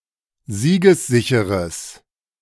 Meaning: strong/mixed nominative/accusative neuter singular of siegessicher
- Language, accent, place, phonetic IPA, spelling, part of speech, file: German, Germany, Berlin, [ˈziːɡəsˌzɪçəʁəs], siegessicheres, adjective, De-siegessicheres.ogg